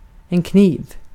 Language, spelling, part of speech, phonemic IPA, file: Swedish, kniv, noun, /kniːv/, Sv-kniv.ogg
- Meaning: a knife